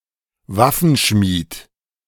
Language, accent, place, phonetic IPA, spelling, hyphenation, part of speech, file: German, Germany, Berlin, [ˈvafənˌʃmiːt], Waffenschmied, Waf‧fen‧schmied, noun, De-Waffenschmied.ogg
- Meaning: weaponsmith, armourer (male or of unspecified gender)